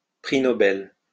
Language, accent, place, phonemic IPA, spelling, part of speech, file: French, France, Lyon, /pʁi nɔ.bɛl/, prix Nobel, noun, LL-Q150 (fra)-prix Nobel.wav
- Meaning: Nobel Prize (international prize)